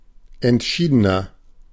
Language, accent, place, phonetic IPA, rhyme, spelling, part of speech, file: German, Germany, Berlin, [ɛntˈʃiːdənɐ], -iːdənɐ, entschiedener, adjective, De-entschiedener.ogg
- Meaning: inflection of entschieden: 1. strong/mixed nominative masculine singular 2. strong genitive/dative feminine singular 3. strong genitive plural